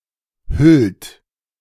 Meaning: inflection of hüllen: 1. second-person plural present 2. third-person singular present 3. plural imperative
- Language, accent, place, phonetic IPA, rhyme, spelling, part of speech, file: German, Germany, Berlin, [hʏlt], -ʏlt, hüllt, verb, De-hüllt.ogg